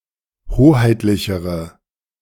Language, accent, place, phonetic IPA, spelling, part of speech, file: German, Germany, Berlin, [ˈhoːhaɪ̯tlɪçəʁə], hoheitlichere, adjective, De-hoheitlichere.ogg
- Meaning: inflection of hoheitlich: 1. strong/mixed nominative/accusative feminine singular comparative degree 2. strong nominative/accusative plural comparative degree